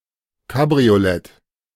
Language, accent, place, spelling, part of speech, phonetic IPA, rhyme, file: German, Germany, Berlin, Kabriolett, noun, [kabʁioˈlɛt], -ɛt, De-Kabriolett.ogg
- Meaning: alternative spelling of Cabriolet